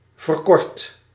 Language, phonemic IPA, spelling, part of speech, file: Dutch, /vərˈkɔrt/, verkort, verb, Nl-verkort.ogg
- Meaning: 1. inflection of verkorten: first/second/third-person singular present indicative 2. inflection of verkorten: imperative 3. past participle of verkorten